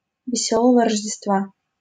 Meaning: Merry Christmas
- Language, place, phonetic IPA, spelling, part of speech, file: Russian, Saint Petersburg, [vʲɪˈsʲɵɫəvə rəʐdʲɪstˈva], Весёлого Рождества, interjection, LL-Q7737 (rus)-Весёлого Рождества.wav